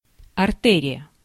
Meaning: 1. artery 2. through-passage
- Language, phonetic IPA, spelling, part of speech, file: Russian, [ɐrˈtɛrʲɪjə], артерия, noun, Ru-артерия.ogg